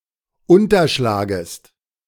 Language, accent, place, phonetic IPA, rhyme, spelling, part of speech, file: German, Germany, Berlin, [ˌʊntɐˈʃlaːɡəst], -aːɡəst, unterschlagest, verb, De-unterschlagest.ogg
- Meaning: second-person singular subjunctive I of unterschlagen